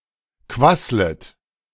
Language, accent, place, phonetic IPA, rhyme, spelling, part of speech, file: German, Germany, Berlin, [ˈkvaslət], -aslət, quasslet, verb, De-quasslet.ogg
- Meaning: second-person plural subjunctive I of quasseln